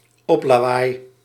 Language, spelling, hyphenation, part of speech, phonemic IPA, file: Dutch, oplawaai, op‧la‧waai, noun, /ˈɔp.laːˌʋaːi̯/, Nl-oplawaai.ogg
- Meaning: 1. a sounding blow, punch, whack, as with a fist 2. a hard hit, bad blow, inadversity such as a setback